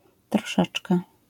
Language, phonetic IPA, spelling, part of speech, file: Polish, [trɔˈʃɛt͡ʃkɛ], troszeczkę, numeral, LL-Q809 (pol)-troszeczkę.wav